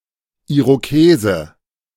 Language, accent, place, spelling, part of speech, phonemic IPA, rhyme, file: German, Germany, Berlin, Irokese, noun, /ʔiʁoˈkeːzə/, -eːzə, De-Irokese.ogg
- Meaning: 1. Iroquois (male or of unspecified gender) 2. Mohawk, Mohican, Iroquois (haircut)